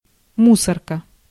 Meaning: 1. dumpster (large trash receptacle) 2. rubbish bin, garbage can 3. garbage truck
- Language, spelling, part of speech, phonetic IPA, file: Russian, мусорка, noun, [ˈmusərkə], Ru-мусорка.ogg